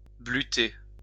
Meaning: to sift, to sieve, especially the flour from the bran
- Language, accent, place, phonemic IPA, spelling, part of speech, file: French, France, Lyon, /bly.te/, bluter, verb, LL-Q150 (fra)-bluter.wav